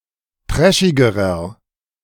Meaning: inflection of trashig: 1. strong/mixed nominative masculine singular comparative degree 2. strong genitive/dative feminine singular comparative degree 3. strong genitive plural comparative degree
- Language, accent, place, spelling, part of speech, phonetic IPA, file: German, Germany, Berlin, trashigerer, adjective, [ˈtʁɛʃɪɡəʁɐ], De-trashigerer.ogg